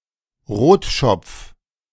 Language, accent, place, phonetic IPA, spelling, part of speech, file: German, Germany, Berlin, [ˈʁoːtˌʃɔp͡f], Rotschopf, noun, De-Rotschopf.ogg
- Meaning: A redhead person